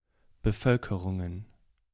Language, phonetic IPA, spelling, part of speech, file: German, [bəˈfœlkəʁʊŋən], Bevölkerungen, noun, De-Bevölkerungen.ogg
- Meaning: plural of Bevölkerung